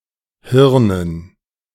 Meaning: dative plural of Hirn
- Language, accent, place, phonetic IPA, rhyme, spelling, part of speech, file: German, Germany, Berlin, [ˈhɪʁnən], -ɪʁnən, Hirnen, noun, De-Hirnen.ogg